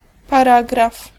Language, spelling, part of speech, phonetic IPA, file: Polish, paragraf, noun, [paˈraɡraf], Pl-paragraf.ogg